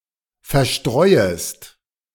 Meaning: second-person singular subjunctive I of verstreuen
- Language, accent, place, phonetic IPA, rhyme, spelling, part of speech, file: German, Germany, Berlin, [fɛɐ̯ˈʃtʁɔɪ̯əst], -ɔɪ̯əst, verstreuest, verb, De-verstreuest.ogg